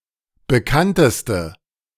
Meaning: inflection of bekannt: 1. strong/mixed nominative/accusative feminine singular superlative degree 2. strong nominative/accusative plural superlative degree
- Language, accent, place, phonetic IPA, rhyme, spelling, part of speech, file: German, Germany, Berlin, [bəˈkantəstə], -antəstə, bekannteste, adjective, De-bekannteste.ogg